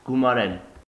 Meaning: to add up, sum up
- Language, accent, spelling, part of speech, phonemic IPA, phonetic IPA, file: Armenian, Eastern Armenian, գումարել, verb, /ɡumɑˈɾel/, [ɡumɑɾél], Hy-գումարել.ogg